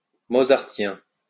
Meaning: Mozartian
- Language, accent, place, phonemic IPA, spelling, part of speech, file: French, France, Lyon, /mo.zaʁ.tjɛ̃/, mozartien, adjective, LL-Q150 (fra)-mozartien.wav